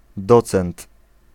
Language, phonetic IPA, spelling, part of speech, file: Polish, [ˈdɔt͡sɛ̃nt], docent, noun, Pl-docent.ogg